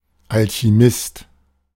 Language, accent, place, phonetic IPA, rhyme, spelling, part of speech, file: German, Germany, Berlin, [ˌalçiˈmɪst], -ɪst, Alchimist, noun, De-Alchimist.ogg
- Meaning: alternative form of Alchemist (“alchemist”)